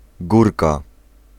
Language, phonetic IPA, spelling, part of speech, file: Polish, [ˈɡurka], górka, noun, Pl-górka.ogg